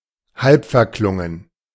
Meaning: partially faded
- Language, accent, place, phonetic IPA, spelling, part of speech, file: German, Germany, Berlin, [ˈhalpfɛɐ̯ˌklʊŋən], halbverklungen, adjective, De-halbverklungen.ogg